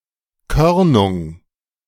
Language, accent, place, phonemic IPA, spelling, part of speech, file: German, Germany, Berlin, /ˈkœʁnʊŋ/, Körnung, noun, De-Körnung.ogg
- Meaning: granulation, granularity